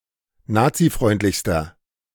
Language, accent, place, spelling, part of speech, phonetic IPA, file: German, Germany, Berlin, nazifreundlichster, adjective, [ˈnaːt͡siˌfʁɔɪ̯ntlɪçstɐ], De-nazifreundlichster.ogg
- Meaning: inflection of nazifreundlich: 1. strong/mixed nominative masculine singular superlative degree 2. strong genitive/dative feminine singular superlative degree